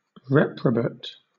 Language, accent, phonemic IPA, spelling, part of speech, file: English, Southern England, /ˈɹɛpɹəbət/, reprobate, adjective / noun, LL-Q1860 (eng)-reprobate.wav
- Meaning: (adjective) 1. Rejected; cast off as worthless 2. Rejected by God; damned, sinful 3. Immoral, having no religious or principled character; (noun) One rejected by God; a sinful person